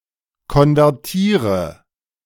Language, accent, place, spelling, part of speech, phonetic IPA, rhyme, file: German, Germany, Berlin, konvertiere, verb, [kɔnvɛʁˈtiːʁə], -iːʁə, De-konvertiere.ogg
- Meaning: inflection of konvertieren: 1. first-person singular present 2. first/third-person singular subjunctive I 3. singular imperative